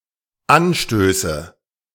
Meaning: nominative/accusative/genitive plural of Anstoß
- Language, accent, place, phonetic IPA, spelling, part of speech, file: German, Germany, Berlin, [ˈanˌʃtøːsə], Anstöße, noun, De-Anstöße.ogg